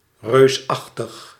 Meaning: giant, huge, enormous in any sense, e.g. great, extremely good
- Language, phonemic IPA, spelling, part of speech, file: Dutch, /røːˈzɑxtəx/, reusachtig, adjective, Nl-reusachtig.ogg